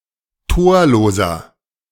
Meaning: inflection of torlos: 1. strong/mixed nominative masculine singular 2. strong genitive/dative feminine singular 3. strong genitive plural
- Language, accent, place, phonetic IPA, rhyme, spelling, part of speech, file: German, Germany, Berlin, [ˈtoːɐ̯loːzɐ], -oːɐ̯loːzɐ, torloser, adjective, De-torloser.ogg